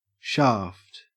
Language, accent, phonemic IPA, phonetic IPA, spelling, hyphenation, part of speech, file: English, Australia, /ˈʃɐːft/, [ˈʃɐ̞ːft], shaft, shaft, noun / verb, En-au-shaft.ogg
- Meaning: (noun) 1. The entire body of a long weapon, such as an arrow 2. The long, narrow, central body of a spear, arrow, or javelin 3. Anything cast or thrown as a spear or javelin